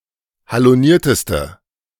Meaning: inflection of haloniert: 1. strong/mixed nominative/accusative feminine singular superlative degree 2. strong nominative/accusative plural superlative degree
- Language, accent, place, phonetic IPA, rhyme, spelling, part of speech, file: German, Germany, Berlin, [haloˈniːɐ̯təstə], -iːɐ̯təstə, halonierteste, adjective, De-halonierteste.ogg